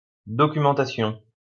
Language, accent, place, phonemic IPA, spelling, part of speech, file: French, France, Lyon, /dɔ.ky.mɑ̃.ta.sjɔ̃/, documentation, noun, LL-Q150 (fra)-documentation.wav
- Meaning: documentation (written account)